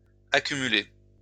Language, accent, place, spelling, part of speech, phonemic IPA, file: French, France, Lyon, accumulé, verb / adjective, /a.ky.my.le/, LL-Q150 (fra)-accumulé.wav
- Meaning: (verb) past participle of accumuler; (adjective) accumulated